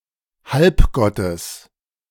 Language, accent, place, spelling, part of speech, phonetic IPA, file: German, Germany, Berlin, Halbgottes, noun, [ˈhalpˌɡɔtəs], De-Halbgottes.ogg
- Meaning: genitive singular of Halbgott